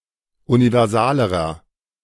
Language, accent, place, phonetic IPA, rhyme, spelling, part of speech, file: German, Germany, Berlin, [univɛʁˈzaːləʁɐ], -aːləʁɐ, universalerer, adjective, De-universalerer.ogg
- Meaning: inflection of universal: 1. strong/mixed nominative masculine singular comparative degree 2. strong genitive/dative feminine singular comparative degree 3. strong genitive plural comparative degree